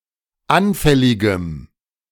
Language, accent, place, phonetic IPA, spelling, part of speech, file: German, Germany, Berlin, [ˈanfɛlɪɡəm], anfälligem, adjective, De-anfälligem.ogg
- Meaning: strong dative masculine/neuter singular of anfällig